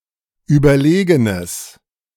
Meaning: strong/mixed nominative/accusative neuter singular of überlegen
- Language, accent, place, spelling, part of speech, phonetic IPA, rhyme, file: German, Germany, Berlin, überlegenes, adjective, [ˌyːbɐˈleːɡənəs], -eːɡənəs, De-überlegenes.ogg